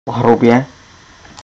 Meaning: 1. roughly, rudely, crudely 2. coarsely (ground - flour etc) 3. grossly
- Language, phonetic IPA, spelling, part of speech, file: Czech, [ˈɦrubjɛ], hrubě, adverb, Cs-hrubě.ogg